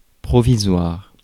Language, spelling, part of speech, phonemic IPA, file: French, provisoire, adjective, /pʁɔ.vi.zwaʁ/, Fr-provisoire.ogg
- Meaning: 1. temporary (for a limited time, ephemeral, not constant) 2. provisional